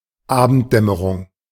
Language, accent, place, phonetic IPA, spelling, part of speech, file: German, Germany, Berlin, [ˈaːbn̩tˌdɛməʁʊŋ], Abenddämmerung, noun, De-Abenddämmerung.ogg
- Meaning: dusk (a period of time occurring at the end of the day during which the sun sets)